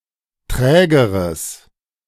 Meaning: strong/mixed nominative/accusative neuter singular comparative degree of träge
- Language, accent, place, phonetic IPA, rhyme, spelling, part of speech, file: German, Germany, Berlin, [ˈtʁɛːɡəʁəs], -ɛːɡəʁəs, trägeres, adjective, De-trägeres.ogg